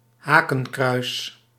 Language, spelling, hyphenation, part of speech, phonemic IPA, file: Dutch, hakenkruis, ha‧ken‧kruis, noun, /ˈɦaː.kə(n)ˌkrœy̯s/, Nl-hakenkruis.ogg
- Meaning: swastika